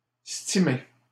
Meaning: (adjective) steamed; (noun) steamie—a steamed hotdog on a steamed bun
- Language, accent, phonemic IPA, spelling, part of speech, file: French, Canada, /sti.me/, steamé, adjective / noun, LL-Q150 (fra)-steamé.wav